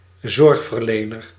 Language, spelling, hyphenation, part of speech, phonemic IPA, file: Dutch, zorgverlener, zorg‧ver‧le‧ner, noun, /ˈzɔrx.vərˌleː.nər/, Nl-zorgverlener.ogg
- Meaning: 1. healthcare provider (e.g. a company) 2. carer (e.g. a nurse)